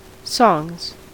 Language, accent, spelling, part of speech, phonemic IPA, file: English, US, songs, noun, /sɔŋz/, En-us-songs.ogg
- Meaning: plural of song